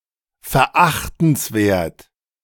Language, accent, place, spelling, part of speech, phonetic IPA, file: German, Germany, Berlin, verachtenswert, adjective, [fɛɐ̯ˈʔaxtn̩sˌveːɐ̯t], De-verachtenswert.ogg
- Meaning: despicable